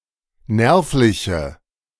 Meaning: inflection of nervlich: 1. strong/mixed nominative/accusative feminine singular 2. strong nominative/accusative plural 3. weak nominative all-gender singular
- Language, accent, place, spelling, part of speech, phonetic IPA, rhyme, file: German, Germany, Berlin, nervliche, adjective, [ˈnɛʁflɪçə], -ɛʁflɪçə, De-nervliche.ogg